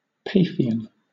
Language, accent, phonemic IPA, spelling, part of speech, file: English, Southern England, /ˈpeɪfɪən/, Paphian, adjective / noun, LL-Q1860 (eng)-Paphian.wav
- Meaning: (adjective) 1. Of, from or relating to Paphos, the mythical birthplace of the goddess of love on the island of Cyprus 2. Pertaining to love or sexual desire, especially when illicit